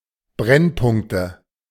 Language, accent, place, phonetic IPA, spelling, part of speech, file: German, Germany, Berlin, [ˈbʁɛnˌpʊŋktə], Brennpunkte, noun, De-Brennpunkte.ogg
- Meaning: nominative/accusative/genitive plural of Brennpunkt